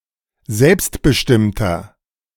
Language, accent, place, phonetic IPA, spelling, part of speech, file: German, Germany, Berlin, [ˈzɛlpstbəˌʃtɪmtɐ], selbstbestimmter, adjective, De-selbstbestimmter.ogg
- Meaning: 1. comparative degree of selbstbestimmt 2. inflection of selbstbestimmt: strong/mixed nominative masculine singular 3. inflection of selbstbestimmt: strong genitive/dative feminine singular